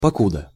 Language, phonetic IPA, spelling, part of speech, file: Russian, [pɐˈkudə], покуда, conjunction, Ru-покуда.ogg
- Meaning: 1. till, until 2. as long as, while, whilst